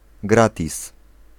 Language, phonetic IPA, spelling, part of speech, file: Polish, [ˈɡratʲis], gratis, noun / adverb, Pl-gratis.ogg